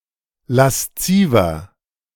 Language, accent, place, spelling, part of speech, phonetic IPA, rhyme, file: German, Germany, Berlin, lasziver, adjective, [lasˈt͡siːvɐ], -iːvɐ, De-lasziver.ogg
- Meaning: 1. comparative degree of lasziv 2. inflection of lasziv: strong/mixed nominative masculine singular 3. inflection of lasziv: strong genitive/dative feminine singular